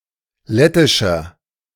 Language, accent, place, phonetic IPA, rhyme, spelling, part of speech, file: German, Germany, Berlin, [ˈlɛtɪʃɐ], -ɛtɪʃɐ, lettischer, adjective, De-lettischer.ogg
- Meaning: inflection of lettisch: 1. strong/mixed nominative masculine singular 2. strong genitive/dative feminine singular 3. strong genitive plural